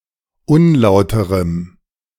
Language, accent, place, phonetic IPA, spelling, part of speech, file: German, Germany, Berlin, [ˈʊnˌlaʊ̯təʁəm], unlauterem, adjective, De-unlauterem.ogg
- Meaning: strong dative masculine/neuter singular of unlauter